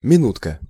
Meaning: diminutive of мину́та (minúta): minute, (short) moment
- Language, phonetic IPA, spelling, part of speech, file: Russian, [mʲɪˈnutkə], минутка, noun, Ru-минутка.ogg